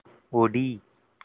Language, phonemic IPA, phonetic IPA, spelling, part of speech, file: Tamil, /oɖiː/, [o̞ɖiː], ஒடி, verb / noun, Ta-ஒடி.ogg
- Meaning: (verb) 1. to break, to break off 2. to be ruined 3. to break, to break off, to snap 4. to ruin; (noun) a sling